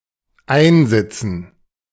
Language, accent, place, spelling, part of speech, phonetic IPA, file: German, Germany, Berlin, einsitzen, verb, [ˈaɪ̯nˌzɪt͡sn̩], De-einsitzen.ogg
- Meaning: to be in jail